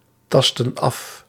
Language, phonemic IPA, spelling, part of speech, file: Dutch, /ˈtɑstə(n) ˈɑf/, tastten af, verb, Nl-tastten af.ogg
- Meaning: inflection of aftasten: 1. plural past indicative 2. plural past subjunctive